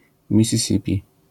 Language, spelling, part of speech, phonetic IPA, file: Polish, Missisipi, proper noun, [ˌmʲisʲiˈsʲipʲi], LL-Q809 (pol)-Missisipi.wav